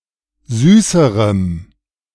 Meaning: strong dative masculine/neuter singular comparative degree of süß
- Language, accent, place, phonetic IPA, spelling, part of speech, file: German, Germany, Berlin, [ˈzyːsəʁəm], süßerem, adjective, De-süßerem.ogg